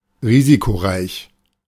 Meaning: risky
- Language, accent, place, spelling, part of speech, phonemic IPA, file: German, Germany, Berlin, risikoreich, adjective, /ˈʁiːzikoˌʁaɪ̯ç/, De-risikoreich.ogg